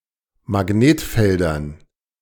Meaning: dative plural of Magnetfeld
- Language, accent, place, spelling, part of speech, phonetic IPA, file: German, Germany, Berlin, Magnetfeldern, noun, [maˈɡneːtˌfɛldɐn], De-Magnetfeldern.ogg